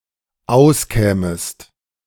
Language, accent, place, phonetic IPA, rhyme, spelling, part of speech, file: German, Germany, Berlin, [ˈaʊ̯sˌkɛːməst], -aʊ̯skɛːməst, auskämest, verb, De-auskämest.ogg
- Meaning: second-person singular dependent subjunctive II of auskommen